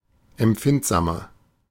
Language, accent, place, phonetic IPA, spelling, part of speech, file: German, Germany, Berlin, [ɛmˈp͡fɪntzaːmɐ], empfindsamer, adjective, De-empfindsamer.ogg
- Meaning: 1. comparative degree of empfindsam 2. inflection of empfindsam: strong/mixed nominative masculine singular 3. inflection of empfindsam: strong genitive/dative feminine singular